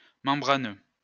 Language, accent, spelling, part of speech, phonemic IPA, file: French, France, membraneux, adjective, /mɑ̃.bʁa.nø/, LL-Q150 (fra)-membraneux.wav
- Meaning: membrane; membranous